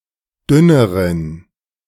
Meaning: inflection of dünn: 1. strong genitive masculine/neuter singular comparative degree 2. weak/mixed genitive/dative all-gender singular comparative degree
- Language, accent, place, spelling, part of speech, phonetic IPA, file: German, Germany, Berlin, dünneren, adjective, [ˈdʏnəʁən], De-dünneren.ogg